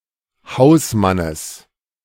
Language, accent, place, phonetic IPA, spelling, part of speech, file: German, Germany, Berlin, [ˈhaʊ̯sˌmanəs], Hausmannes, noun, De-Hausmannes.ogg
- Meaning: genitive singular of Hausmann